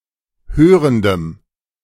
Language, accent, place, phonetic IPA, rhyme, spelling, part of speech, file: German, Germany, Berlin, [ˈhøːʁəndəm], -øːʁəndəm, hörendem, adjective, De-hörendem.ogg
- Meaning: strong dative masculine/neuter singular of hörend